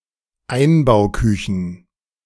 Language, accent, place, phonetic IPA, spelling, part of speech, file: German, Germany, Berlin, [ˈaɪ̯nbaʊ̯ˌkʏçn̩], Einbauküchen, noun, De-Einbauküchen.ogg
- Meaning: plural of Einbauküche